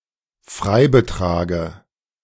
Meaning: dative of Freibetrag
- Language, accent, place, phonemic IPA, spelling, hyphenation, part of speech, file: German, Germany, Berlin, /ˈfʁaɪ̯.bəˌtʁaːɡə/, Freibetrage, Frei‧be‧tra‧ge, noun, De-Freibetrage.ogg